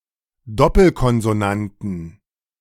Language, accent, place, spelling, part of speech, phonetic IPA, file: German, Germany, Berlin, Doppelkonsonanten, noun, [ˈdɔpl̩kɔnzoˌnantn̩], De-Doppelkonsonanten.ogg
- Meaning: 1. genitive/dative/accusative singular of Doppelkonsonant 2. plural of Doppelkonsonant